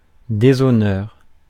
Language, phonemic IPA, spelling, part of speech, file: French, /de.zɔ.nœʁ/, déshonneur, noun, Fr-déshonneur.ogg
- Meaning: dishonor (all meanings)